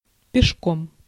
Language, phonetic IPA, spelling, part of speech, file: Russian, [pʲɪʂˈkom], пешком, adverb, Ru-пешком.ogg
- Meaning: on foot, afoot